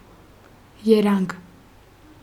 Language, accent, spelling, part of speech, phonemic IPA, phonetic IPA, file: Armenian, Eastern Armenian, երանգ, noun, /jeˈɾɑnɡ/, [jeɾɑ́ŋɡ], Hy-երանգ.ogg
- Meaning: 1. hue; shade; tone 2. nuance 3. colour